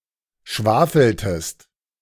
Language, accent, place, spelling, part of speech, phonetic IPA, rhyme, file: German, Germany, Berlin, schwafeltest, verb, [ˈʃvaːfl̩təst], -aːfl̩təst, De-schwafeltest.ogg
- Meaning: inflection of schwafeln: 1. second-person singular preterite 2. second-person singular subjunctive II